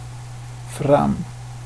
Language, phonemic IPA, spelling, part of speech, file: Swedish, /fram/, fram, adverb, Sv-fram.ogg
- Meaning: 1. forth, forward, out 2. forth, forward, out: ahead 3. forth, forward, out: ahead: on, (further) on, etc. (when applied to time or progress or the like) 4. to a destination, there